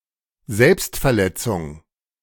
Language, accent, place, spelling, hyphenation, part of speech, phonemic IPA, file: German, Germany, Berlin, Selbstverletzung, Selbst‧ver‧let‧zung, noun, /ˈzɛlpst.fɛɐ̯ˌlɛ.t͡sʊŋ/, De-Selbstverletzung.ogg
- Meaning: self-injury